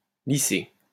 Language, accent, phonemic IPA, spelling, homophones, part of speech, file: French, France, /li.se/, lissé, lissés / lycée / lycées, verb, LL-Q150 (fra)-lissé.wav
- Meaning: past participle of lisser